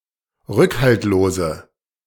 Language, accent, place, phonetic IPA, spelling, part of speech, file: German, Germany, Berlin, [ˈʁʏkhaltloːzə], rückhaltlose, adjective, De-rückhaltlose.ogg
- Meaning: inflection of rückhaltlos: 1. strong/mixed nominative/accusative feminine singular 2. strong nominative/accusative plural 3. weak nominative all-gender singular